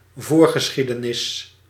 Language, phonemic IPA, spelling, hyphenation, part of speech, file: Dutch, /ˈvoːr.ɣəˌsxi.də.nɪs/, voorgeschiedenis, voor‧ge‧schie‧de‧nis, noun, Nl-voorgeschiedenis.ogg
- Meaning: 1. prehistory (prior history, history of people or events before a certain reference point) 2. prehistory (human history before writing)